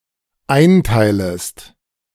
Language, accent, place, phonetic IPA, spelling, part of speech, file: German, Germany, Berlin, [ˈaɪ̯nˌtaɪ̯ləst], einteilest, verb, De-einteilest.ogg
- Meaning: second-person singular dependent subjunctive I of einteilen